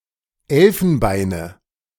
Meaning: nominative/accusative/genitive plural of Elfenbein
- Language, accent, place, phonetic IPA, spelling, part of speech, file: German, Germany, Berlin, [ˈɛlfn̩ˌbaɪ̯nə], Elfenbeine, noun, De-Elfenbeine.ogg